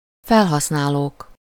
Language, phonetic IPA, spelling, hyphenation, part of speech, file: Hungarian, [ˈfɛlɦɒsnaːloːk], felhasználók, fel‧hasz‧ná‧lók, noun, Hu-felhasználók.ogg
- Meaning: nominative plural of felhasználó